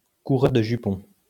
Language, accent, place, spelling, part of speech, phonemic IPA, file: French, France, Lyon, coureur de jupons, noun, /ku.ʁœʁ də ʒy.pɔ̃/, LL-Q150 (fra)-coureur de jupons.wav
- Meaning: womanizer, skirt chaser